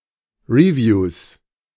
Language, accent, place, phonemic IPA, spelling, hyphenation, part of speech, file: German, Germany, Berlin, /riˈvjuːs/, Reviews, Re‧views, noun, De-Reviews.ogg
- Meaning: 1. genitive singular of Review 2. plural of Review